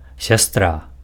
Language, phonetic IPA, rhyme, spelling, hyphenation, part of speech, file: Belarusian, [sʲaˈstra], -a, сястра, сяс‧тра, noun, Be-сястра.ogg
- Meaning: 1. sister (each of the daughters in relation to the other children of the same parents) 2. nun